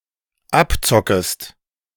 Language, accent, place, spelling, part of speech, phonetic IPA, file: German, Germany, Berlin, abzockest, verb, [ˈapˌt͡sɔkəst], De-abzockest.ogg
- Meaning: second-person singular dependent subjunctive I of abzocken